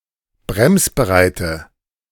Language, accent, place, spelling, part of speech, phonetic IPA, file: German, Germany, Berlin, bremsbereite, adjective, [ˈbʁɛmsbəˌʁaɪ̯tə], De-bremsbereite.ogg
- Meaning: inflection of bremsbereit: 1. strong/mixed nominative/accusative feminine singular 2. strong nominative/accusative plural 3. weak nominative all-gender singular